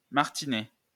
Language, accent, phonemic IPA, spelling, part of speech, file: French, France, /maʁ.ti.nɛ/, martinet, noun, LL-Q150 (fra)-martinet.wav
- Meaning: 1. multi-tail whip, comprising leather or whipcord thongs fixed on a handle, to dust off or to administer a beating 2. mechanical hammer on a motor-driven cogwheel, as used to beat metal